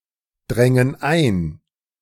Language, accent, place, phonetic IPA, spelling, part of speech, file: German, Germany, Berlin, [ˌdʁɛŋən ˈaɪ̯n], drängen ein, verb, De-drängen ein.ogg
- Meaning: first/third-person plural subjunctive II of eindringen